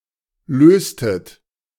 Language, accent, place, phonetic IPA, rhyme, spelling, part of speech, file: German, Germany, Berlin, [ˈløːstət], -øːstət, löstet, verb, De-löstet.ogg
- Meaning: inflection of lösen: 1. second-person plural preterite 2. second-person plural subjunctive II